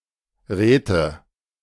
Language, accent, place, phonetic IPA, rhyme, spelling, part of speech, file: German, Germany, Berlin, [ˈʁɛːtə], -ɛːtə, Räte, noun, De-Räte.ogg
- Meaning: nominative/accusative/genitive plural of Rat